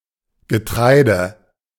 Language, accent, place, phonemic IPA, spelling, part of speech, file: German, Germany, Berlin, /ɡəˈtʁaɪ̯də/, Getreide, noun, De-Getreide.ogg
- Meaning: 1. cereal; corn; grain (type of plant and its fruit) 2. a particular kind of cereal